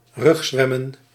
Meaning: to swim on one's back
- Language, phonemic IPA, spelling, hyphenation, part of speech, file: Dutch, /ˈrʏxˌzʋɛ.mə(n)/, rugzwemmen, rug‧zwem‧men, verb, Nl-rugzwemmen.ogg